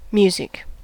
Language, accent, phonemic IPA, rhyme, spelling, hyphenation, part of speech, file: English, General American, /ˈmju.zɪk/, -uːzɪk, music, mus‧ic, noun / verb / adjective, En-us-music.ogg
- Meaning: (noun) A series of sounds organized in time, usually employing some combination of harmony, melody, rhythm, tempo, timbre, sound design, lyrics, etc., often to convey a mood